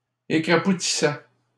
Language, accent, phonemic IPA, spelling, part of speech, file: French, Canada, /e.kʁa.pu.ti.sɛ/, écrapoutissaient, verb, LL-Q150 (fra)-écrapoutissaient.wav
- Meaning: third-person plural imperfect indicative of écrapoutir